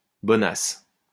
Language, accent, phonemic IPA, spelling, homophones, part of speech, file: French, France, /bɔ.nas/, bonnasse, bonasse / bonace, noun, LL-Q150 (fra)-bonnasse.wav
- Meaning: a hottie, a bombshell, a stunna